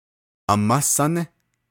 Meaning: maternal grandmother, as well as any of her sisters (maternal great-aunts)
- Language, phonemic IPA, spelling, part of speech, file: Navajo, /ʔɑ̀mɑ́ sɑ́nɪ́/, amá sání, noun, Nv-amá sání.ogg